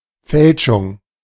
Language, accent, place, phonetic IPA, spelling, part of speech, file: German, Germany, Berlin, [ˈfɛlʃʊŋ], Fälschung, noun, De-Fälschung.ogg
- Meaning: counterfeit, forgery